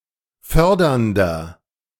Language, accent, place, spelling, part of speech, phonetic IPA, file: German, Germany, Berlin, fördernder, adjective, [ˈfœʁdɐndɐ], De-fördernder.ogg
- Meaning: inflection of fördernd: 1. strong/mixed nominative masculine singular 2. strong genitive/dative feminine singular 3. strong genitive plural